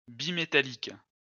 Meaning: 1. bimetallic 2. bimetallist
- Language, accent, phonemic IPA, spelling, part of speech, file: French, France, /bi.me.ta.lik/, bimétallique, adjective, LL-Q150 (fra)-bimétallique.wav